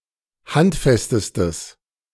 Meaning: strong/mixed nominative/accusative neuter singular superlative degree of handfest
- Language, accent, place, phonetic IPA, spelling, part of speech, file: German, Germany, Berlin, [ˈhantˌfɛstəstəs], handfestestes, adjective, De-handfestestes.ogg